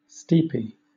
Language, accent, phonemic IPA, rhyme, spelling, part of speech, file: English, Southern England, /ˈstiːpi/, -iːpi, steepy, adjective, LL-Q1860 (eng)-steepy.wav
- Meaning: Steep